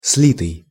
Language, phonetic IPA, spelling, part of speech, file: Russian, [ˈs⁽ʲ⁾lʲitɨj], слитый, verb, Ru-слитый.ogg
- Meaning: past passive perfective participle of слить (slitʹ)